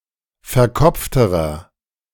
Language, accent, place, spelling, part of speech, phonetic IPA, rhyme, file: German, Germany, Berlin, verkopfterer, adjective, [fɛɐ̯ˈkɔp͡ftəʁɐ], -ɔp͡ftəʁɐ, De-verkopfterer.ogg
- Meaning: inflection of verkopft: 1. strong/mixed nominative masculine singular comparative degree 2. strong genitive/dative feminine singular comparative degree 3. strong genitive plural comparative degree